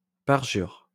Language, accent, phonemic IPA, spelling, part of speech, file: French, France, /paʁ.ʒyʁ/, parjure, noun / verb, LL-Q150 (fra)-parjure.wav
- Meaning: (noun) 1. forswearing, abjuration, false oath 2. violating one's oath, breaking of vows 3. oath breaker; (verb) inflection of parjurer: first/third-person singular present indicative/subjunctive